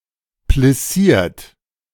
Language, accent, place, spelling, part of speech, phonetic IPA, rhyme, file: German, Germany, Berlin, plissiert, verb, [plɪˈsiːɐ̯t], -iːɐ̯t, De-plissiert.ogg
- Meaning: 1. past participle of plissieren 2. inflection of plissieren: third-person singular present 3. inflection of plissieren: second-person plural present 4. inflection of plissieren: plural imperative